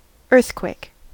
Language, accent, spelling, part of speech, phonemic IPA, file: English, US, earthquake, noun / verb, /ˈɝθkweɪk/, En-us-earthquake.ogg
- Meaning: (noun) 1. A shaking of the ground, caused by volcanic activity or movement around geologic faults 2. Such a quake specifically occurring on the planet Earth, as opposed to other celestial bodies